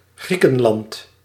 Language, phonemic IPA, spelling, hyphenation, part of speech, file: Dutch, /ˈɣrikə(n)ˌlɑnt/, Griekenland, Grie‧ken‧land, proper noun, Nl-Griekenland.ogg
- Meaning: Greece (a country in Southeastern Europe)